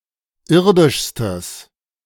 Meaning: strong/mixed nominative/accusative neuter singular superlative degree of irdisch
- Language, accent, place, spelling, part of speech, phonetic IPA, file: German, Germany, Berlin, irdischstes, adjective, [ˈɪʁdɪʃstəs], De-irdischstes.ogg